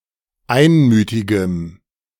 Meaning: strong dative masculine/neuter singular of einmütig
- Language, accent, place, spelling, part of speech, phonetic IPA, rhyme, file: German, Germany, Berlin, einmütigem, adjective, [ˈaɪ̯nˌmyːtɪɡəm], -aɪ̯nmyːtɪɡəm, De-einmütigem.ogg